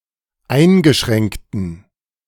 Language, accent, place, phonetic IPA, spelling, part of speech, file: German, Germany, Berlin, [ˈaɪ̯nɡəˌʃʁɛŋktn̩], eingeschränkten, adjective, De-eingeschränkten.ogg
- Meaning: inflection of eingeschränkt: 1. strong genitive masculine/neuter singular 2. weak/mixed genitive/dative all-gender singular 3. strong/weak/mixed accusative masculine singular 4. strong dative plural